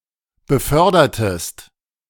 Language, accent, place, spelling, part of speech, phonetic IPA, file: German, Germany, Berlin, befördertest, verb, [bəˈfœʁdɐtəst], De-befördertest.ogg
- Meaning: inflection of befördern: 1. second-person singular preterite 2. second-person singular subjunctive II